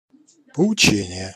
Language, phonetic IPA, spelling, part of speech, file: Russian, [pəʊˈt͡ɕenʲɪje], поучение, noun, Ru-поучение.ogg
- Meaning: lecture, sermon, lesson, homily